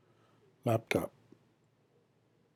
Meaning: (noun) A laptop computer; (adjective) Designed for use on a lap; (verb) To use a laptop computer
- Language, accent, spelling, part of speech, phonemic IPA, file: English, US, laptop, noun / adjective / verb, /ˈlæp.tɑp/, En-us-laptop.ogg